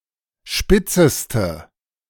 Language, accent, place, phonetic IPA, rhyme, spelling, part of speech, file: German, Germany, Berlin, [ˈʃpɪt͡səstə], -ɪt͡səstə, spitzeste, adjective, De-spitzeste.ogg
- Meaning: inflection of spitz: 1. strong/mixed nominative/accusative feminine singular superlative degree 2. strong nominative/accusative plural superlative degree